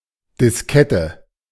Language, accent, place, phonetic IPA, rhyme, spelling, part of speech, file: German, Germany, Berlin, [dɪsˈkɛtə], -ɛtə, Diskette, noun, De-Diskette.ogg
- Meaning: diskette